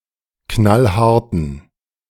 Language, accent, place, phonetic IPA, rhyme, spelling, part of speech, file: German, Germany, Berlin, [ˈknalˈhaʁtn̩], -aʁtn̩, knallharten, adjective, De-knallharten.ogg
- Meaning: inflection of knallhart: 1. strong genitive masculine/neuter singular 2. weak/mixed genitive/dative all-gender singular 3. strong/weak/mixed accusative masculine singular 4. strong dative plural